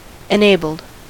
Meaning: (adjective) 1. Being capable for use or action; not disabled 2. Adapted for use with the specified mechanism or system; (verb) simple past and past participle of enable
- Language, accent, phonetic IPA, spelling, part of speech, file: English, US, [ɛnˈeɪbəɫd], enabled, adjective / verb, En-us-enabled.ogg